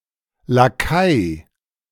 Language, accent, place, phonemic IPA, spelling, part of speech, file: German, Germany, Berlin, /laˈkaɪ̯/, Lakai, noun, De-Lakai.ogg
- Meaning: lackey